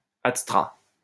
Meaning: adstratum (any language having elements that are responsible for change in neighbouring languages)
- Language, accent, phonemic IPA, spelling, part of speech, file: French, France, /at.stʁa/, adstrat, noun, LL-Q150 (fra)-adstrat.wav